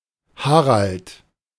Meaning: a male given name from the North Germanic languages
- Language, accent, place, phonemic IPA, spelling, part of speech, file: German, Germany, Berlin, /ˈhaʁalt/, Harald, proper noun, De-Harald.ogg